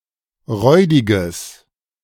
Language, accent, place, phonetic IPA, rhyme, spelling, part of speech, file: German, Germany, Berlin, [ˈʁɔɪ̯dɪɡəs], -ɔɪ̯dɪɡəs, räudiges, adjective, De-räudiges.ogg
- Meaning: strong/mixed nominative/accusative neuter singular of räudig